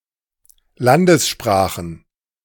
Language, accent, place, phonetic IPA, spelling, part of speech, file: German, Germany, Berlin, [ˈlandəsˌʃpʁaːxn̩], Landessprachen, noun, De-Landessprachen.ogg
- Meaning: plural of Landessprache